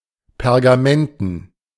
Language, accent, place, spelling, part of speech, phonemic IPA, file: German, Germany, Berlin, pergamenten, adjective, /pɛʁɡaˈmɛntn̩/, De-pergamenten.ogg
- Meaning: parchment